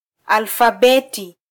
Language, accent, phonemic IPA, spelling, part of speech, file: Swahili, Kenya, /ɑl.fɑˈɓɛ.ti/, alfabeti, noun, Sw-ke-alfabeti.flac
- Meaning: alphabet